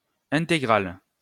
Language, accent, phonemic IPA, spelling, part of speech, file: French, France, /ɛ̃.te.ɡʁal/, intégrale, adjective / noun, LL-Q150 (fra)-intégrale.wav
- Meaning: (adjective) feminine singular of intégral; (noun) 1. integral 2. complete works of an author, a composer, etc